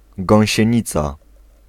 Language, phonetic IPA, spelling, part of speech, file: Polish, [ˌɡɔ̃w̃ɕɛ̇̃ˈɲit͡sa], gąsienica, noun, Pl-gąsienica.ogg